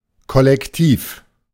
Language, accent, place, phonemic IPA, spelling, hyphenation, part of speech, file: German, Germany, Berlin, /kɔlɛkˈtiːf/, Kollektiv, Kol‧lek‧tiv, noun, De-Kollektiv.ogg
- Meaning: collective